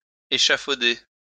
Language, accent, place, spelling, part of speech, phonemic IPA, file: French, France, Lyon, échafauder, verb, /e.ʃa.fo.de/, LL-Q150 (fra)-échafauder.wav
- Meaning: 1. to put up scaffolding 2. to devise, develop (a plan, theory)